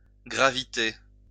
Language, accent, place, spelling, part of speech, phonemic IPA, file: French, France, Lyon, graviter, verb, /ɡʁa.vi.te/, LL-Q150 (fra)-graviter.wav
- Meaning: to orbit, gravitate